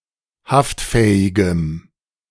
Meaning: strong dative masculine/neuter singular of haftfähig
- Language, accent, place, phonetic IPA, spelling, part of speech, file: German, Germany, Berlin, [ˈhaftˌfɛːɪɡəm], haftfähigem, adjective, De-haftfähigem.ogg